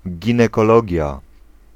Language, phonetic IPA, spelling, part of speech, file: Polish, [ˌɟĩnɛkɔˈlɔɟja], ginekologia, noun, Pl-ginekologia.ogg